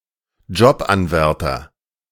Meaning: job candidate
- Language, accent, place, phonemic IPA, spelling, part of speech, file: German, Germany, Berlin, /ˈd͡ʒɔpʔanˌvɛʁtɐ/, Jobanwärter, noun, De-Jobanwärter.ogg